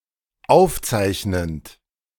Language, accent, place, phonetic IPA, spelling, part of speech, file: German, Germany, Berlin, [ˈaʊ̯fˌt͡saɪ̯çnənt], aufzeichnend, verb, De-aufzeichnend.ogg
- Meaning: present participle of aufzeichnen